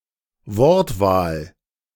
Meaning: choice of words
- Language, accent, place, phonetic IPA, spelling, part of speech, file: German, Germany, Berlin, [ˈvɔʁtˌvaːl], Wortwahl, noun, De-Wortwahl.ogg